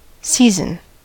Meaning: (noun) Each of the divisions of a year based on the prevailing weather: spring, summer, autumn (fall) and winter; or the rainy (monsoon) and dry season, depending on the climate
- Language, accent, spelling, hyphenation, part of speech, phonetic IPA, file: English, US, season, sea‧son, noun / verb, [ˈsi.zn̩], En-us-season.ogg